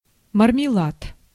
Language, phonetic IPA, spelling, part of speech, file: Russian, [mərmʲɪˈɫat], мармелад, noun, Ru-мармелад.ogg
- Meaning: 1. marmalade, fruit jelly 2. fruit jelly candy